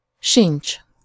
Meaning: there is no …… either, he/she/it is not …… either, not have …… either
- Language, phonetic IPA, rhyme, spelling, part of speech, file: Hungarian, [ˈʃint͡ʃ], -int͡ʃ, sincs, verb, Hu-sincs.ogg